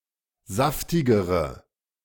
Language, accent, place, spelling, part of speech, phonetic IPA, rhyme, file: German, Germany, Berlin, saftigere, adjective, [ˈzaftɪɡəʁə], -aftɪɡəʁə, De-saftigere.ogg
- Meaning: inflection of saftig: 1. strong/mixed nominative/accusative feminine singular comparative degree 2. strong nominative/accusative plural comparative degree